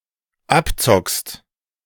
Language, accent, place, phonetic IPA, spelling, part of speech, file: German, Germany, Berlin, [ˈapˌt͡sɔkst], abzockst, verb, De-abzockst.ogg
- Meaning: second-person singular dependent present of abzocken